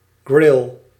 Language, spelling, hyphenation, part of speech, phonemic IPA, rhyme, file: Dutch, grill, grill, noun, /ɣrɪl/, -ɪl, Nl-grill.ogg
- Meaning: grill